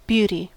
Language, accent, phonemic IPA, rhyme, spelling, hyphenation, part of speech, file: English, General American, /ˈbjuti/, -uːti, beauty, beau‧ty, noun / interjection / adjective / verb, En-us-beauty.ogg
- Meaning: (noun) 1. The quality of being (especially visually) attractive, pleasing, fine or good-looking; comeliness 2. Someone who is beautiful